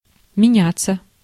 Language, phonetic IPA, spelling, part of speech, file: Russian, [mʲɪˈnʲat͡sːə], меняться, verb, Ru-меняться.ogg
- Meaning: 1. to change 2. to exchange, to trade 3. passive of меня́ть (menjátʹ)